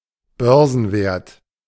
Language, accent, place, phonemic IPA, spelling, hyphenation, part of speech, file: German, Germany, Berlin, /ˈbœʁzn̩ˌveːɐ̯t/, Börsenwert, Bör‧sen‧wert, noun, De-Börsenwert.ogg
- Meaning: market capitalization